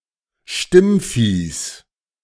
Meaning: genitive of Stimmvieh
- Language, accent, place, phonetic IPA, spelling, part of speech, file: German, Germany, Berlin, [ˈʃtɪmˌfiːs], Stimmviehs, noun, De-Stimmviehs.ogg